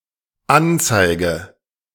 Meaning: inflection of anzeigen: 1. first-person singular dependent present 2. first/third-person singular dependent subjunctive I
- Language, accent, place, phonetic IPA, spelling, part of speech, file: German, Germany, Berlin, [ˈanˌt͡saɪ̯ɡə], anzeige, verb, De-anzeige.ogg